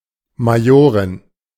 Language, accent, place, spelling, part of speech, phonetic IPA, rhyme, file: German, Germany, Berlin, Majorin, noun, [maˈjoːʁɪn], -oːʁɪn, De-Majorin.ogg
- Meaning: The wife of a major (officer)